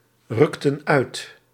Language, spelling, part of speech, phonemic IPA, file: Dutch, rukten uit, verb, /ˈrʏktə(n) ˈœyt/, Nl-rukten uit.ogg
- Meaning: inflection of uitrukken: 1. plural past indicative 2. plural past subjunctive